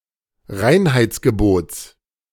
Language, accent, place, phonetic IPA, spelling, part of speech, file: German, Germany, Berlin, [ˈʁaɪ̯nhaɪ̯t͡sɡəˌboːt͡s], Reinheitsgebots, noun, De-Reinheitsgebots.ogg
- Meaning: genitive singular of Reinheitsgebot